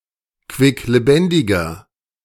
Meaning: 1. comparative degree of quicklebendig 2. inflection of quicklebendig: strong/mixed nominative masculine singular 3. inflection of quicklebendig: strong genitive/dative feminine singular
- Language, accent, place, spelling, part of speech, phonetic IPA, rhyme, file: German, Germany, Berlin, quicklebendiger, adjective, [kvɪkleˈbɛndɪɡɐ], -ɛndɪɡɐ, De-quicklebendiger.ogg